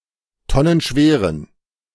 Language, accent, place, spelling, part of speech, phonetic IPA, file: German, Germany, Berlin, tonnenschweren, adjective, [ˈtɔnənˌʃveːʁən], De-tonnenschweren.ogg
- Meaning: inflection of tonnenschwer: 1. strong genitive masculine/neuter singular 2. weak/mixed genitive/dative all-gender singular 3. strong/weak/mixed accusative masculine singular 4. strong dative plural